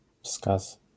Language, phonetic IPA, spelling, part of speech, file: Polish, [fskas], wskaz, noun, LL-Q809 (pol)-wskaz.wav